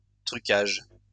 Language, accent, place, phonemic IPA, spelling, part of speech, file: French, France, Lyon, /tʁy.kaʒ/, truquage, noun, LL-Q150 (fra)-truquage.wav
- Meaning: alternative spelling of trucage